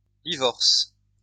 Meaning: second-person singular present indicative/subjunctive of divorcer
- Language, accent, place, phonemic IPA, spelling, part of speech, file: French, France, Lyon, /di.vɔʁs/, divorces, verb, LL-Q150 (fra)-divorces.wav